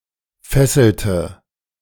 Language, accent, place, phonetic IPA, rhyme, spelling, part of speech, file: German, Germany, Berlin, [ˈfɛsl̩tə], -ɛsl̩tə, fesselte, verb, De-fesselte.ogg
- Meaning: inflection of fesseln: 1. first/third-person singular preterite 2. first/third-person singular subjunctive II